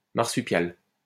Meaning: marsupial
- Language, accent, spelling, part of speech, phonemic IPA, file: French, France, marsupial, noun, /maʁ.sy.pjal/, LL-Q150 (fra)-marsupial.wav